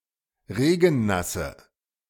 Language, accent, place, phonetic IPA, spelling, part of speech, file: German, Germany, Berlin, [ˈʁeːɡn̩ˌnasə], regennasse, adjective, De-regennasse.ogg
- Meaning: inflection of regennass: 1. strong/mixed nominative/accusative feminine singular 2. strong nominative/accusative plural 3. weak nominative all-gender singular